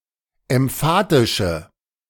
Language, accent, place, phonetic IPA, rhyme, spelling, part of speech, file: German, Germany, Berlin, [ɛmˈfaːtɪʃə], -aːtɪʃə, emphatische, adjective, De-emphatische.ogg
- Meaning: inflection of emphatisch: 1. strong/mixed nominative/accusative feminine singular 2. strong nominative/accusative plural 3. weak nominative all-gender singular